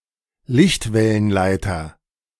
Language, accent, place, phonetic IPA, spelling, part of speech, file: German, Germany, Berlin, [ˈlɪçtvɛlənˌlaɪ̯tɐ], Lichtwellenleiter, noun, De-Lichtwellenleiter.ogg
- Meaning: 1. optical fibre 2. optical waveguide